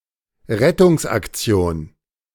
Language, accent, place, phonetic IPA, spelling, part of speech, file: German, Germany, Berlin, [ˈʁɛtʊŋsʔakˌt͡si̯oːn], Rettungsaktion, noun, De-Rettungsaktion.ogg
- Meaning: rescue operation